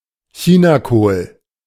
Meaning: Chinese cabbage, especially napa cabbage
- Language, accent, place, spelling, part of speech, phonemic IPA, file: German, Germany, Berlin, Chinakohl, noun, /ˈçiːnaˌkoːl/, De-Chinakohl.ogg